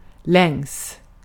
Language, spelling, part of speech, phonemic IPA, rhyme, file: Swedish, längs, preposition, /lɛŋs/, -ɛŋs, Sv-längs.ogg
- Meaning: along